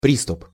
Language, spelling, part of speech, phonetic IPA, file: Russian, приступ, noun, [ˈprʲistʊp], Ru-приступ.ogg
- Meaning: 1. assault, onset, onslaught, storm 2. fit, attack 3. access